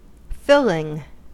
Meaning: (verb) present participle and gerund of fill; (adjective) Of food, that satisfies the appetite by filling the stomach; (noun) 1. Anything that is used to fill something 2. The contents of a pie, etc
- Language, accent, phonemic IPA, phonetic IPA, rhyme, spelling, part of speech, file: English, US, /ˈfɪlɪŋ/, [ˈfɪɫɪŋ], -ɪlɪŋ, filling, verb / adjective / noun, En-us-filling.ogg